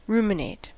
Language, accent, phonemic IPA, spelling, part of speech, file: English, US, /ˈɹumɪneɪt/, ruminate, verb, En-us-ruminate.ogg
- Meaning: 1. To chew cud. (Said of ruminants.) Involves regurgitating partially digested food from the rumen 2. To meditate or reflect 3. To meditate or ponder over; to muse on